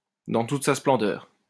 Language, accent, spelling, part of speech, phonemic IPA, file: French, France, dans toute sa splendeur, adverb, /dɑ̃ tut sa splɑ̃.dœʁ/, LL-Q150 (fra)-dans toute sa splendeur.wav
- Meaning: in all one's glory, in all one's splendour